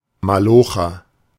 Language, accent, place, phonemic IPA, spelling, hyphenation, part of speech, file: German, Germany, Berlin, /maˈloːxɐ/, Malocher, Ma‧lo‧cher, noun, De-Malocher.ogg
- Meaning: laborer